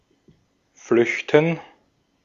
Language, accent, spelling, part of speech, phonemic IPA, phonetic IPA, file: German, Austria, flüchten, verb, /ˈflʏç.tən/, [ˈflʏç.tn̩], De-at-flüchten.ogg
- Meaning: 1. to flee (to run away; to escape) [with vor (+ dative) ‘from a threat’] 2. to flee, to seek refuge or shelter [with adverbial of direction ‘(to) somewhere’]